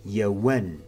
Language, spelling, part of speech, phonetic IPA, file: Adyghe, еон, verb, [jawan], Jawan.ogg
- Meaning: alternative form of он (won)